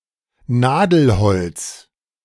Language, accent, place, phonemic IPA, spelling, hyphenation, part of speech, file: German, Germany, Berlin, /ˈnaːdl̩hɔlt͜s/, Nadelholz, Na‧del‧holz, noun, De-Nadelholz.ogg
- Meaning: softwood (The wood of a conifer.)